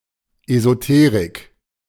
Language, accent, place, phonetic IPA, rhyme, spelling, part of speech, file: German, Germany, Berlin, [ezoˈteːʁɪk], -eːʁɪk, Esoterik, noun, De-Esoterik.ogg
- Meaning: esotericism, esoteric knowledge